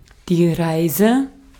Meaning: 1. journey, travel 2. trip (on drugs) 3. nominative/accusative/genitive plural of Reis 4. dative singular of Reis
- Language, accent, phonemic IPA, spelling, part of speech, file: German, Austria, /ˈʁaɛ̯sɛ/, Reise, noun, De-at-Reise.ogg